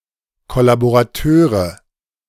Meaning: nominative/accusative/genitive plural of Kollaborateur
- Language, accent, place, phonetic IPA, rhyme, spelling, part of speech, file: German, Germany, Berlin, [kɔlaboʁaˈtøːʁə], -øːʁə, Kollaborateure, noun, De-Kollaborateure.ogg